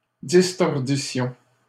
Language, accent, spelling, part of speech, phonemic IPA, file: French, Canada, distordissions, verb, /dis.tɔʁ.di.sjɔ̃/, LL-Q150 (fra)-distordissions.wav
- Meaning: first-person plural imperfect subjunctive of distordre